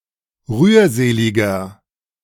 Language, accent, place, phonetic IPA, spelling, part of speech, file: German, Germany, Berlin, [ˈʁyːɐ̯ˌzeːlɪɡɐ], rührseliger, adjective, De-rührseliger.ogg
- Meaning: 1. comparative degree of rührselig 2. inflection of rührselig: strong/mixed nominative masculine singular 3. inflection of rührselig: strong genitive/dative feminine singular